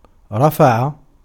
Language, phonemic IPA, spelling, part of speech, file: Arabic, /ra.fa.ʕa/, رفع, verb, Ar-رفع.ogg
- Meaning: 1. to lift, to raise aloft, to hoist up, to heave up 2. to elevate, to heighten, to exalt, to enhance 3. to promote in rank 4. to fly (a kite), to run up (a flag)